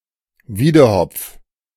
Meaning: hoopoe (bird Upupa epops)
- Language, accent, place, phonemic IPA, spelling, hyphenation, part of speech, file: German, Germany, Berlin, /ˈviːdəhɔpf/, Wiedehopf, Wie‧de‧hopf, noun, De-Wiedehopf.ogg